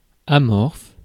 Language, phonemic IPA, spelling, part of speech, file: French, /a.mɔʁf/, amorphe, adjective, Fr-amorphe.ogg
- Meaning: 1. amorphous (without a definite shape of nature) 2. amorphous (in a non-crystalline solid state) 3. sluggish, inert (lacking vivacity)